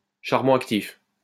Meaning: activated carbon
- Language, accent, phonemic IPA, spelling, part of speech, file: French, France, /ʃaʁ.bɔ̃ ak.tif/, charbon actif, noun, LL-Q150 (fra)-charbon actif.wav